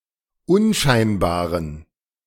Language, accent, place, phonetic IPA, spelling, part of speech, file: German, Germany, Berlin, [ˈʊnˌʃaɪ̯nbaːʁən], unscheinbaren, adjective, De-unscheinbaren.ogg
- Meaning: inflection of unscheinbar: 1. strong genitive masculine/neuter singular 2. weak/mixed genitive/dative all-gender singular 3. strong/weak/mixed accusative masculine singular 4. strong dative plural